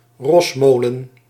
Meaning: a horse mill
- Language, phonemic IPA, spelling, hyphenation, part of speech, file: Dutch, /ˈrɔsˌmoː.lə(n)/, rosmolen, ros‧mo‧len, noun, Nl-rosmolen.ogg